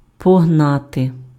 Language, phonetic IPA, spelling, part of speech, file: Ukrainian, [pɔɦˈnate], погнати, verb, Uk-погнати.ogg
- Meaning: to chase, to pursue